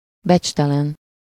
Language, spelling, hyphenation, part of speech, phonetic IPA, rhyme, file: Hungarian, becstelen, becs‧te‧len, adjective, [ˈbɛt͡ʃtɛlɛn], -ɛn, Hu-becstelen.ogg
- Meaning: dishonest, dishonorable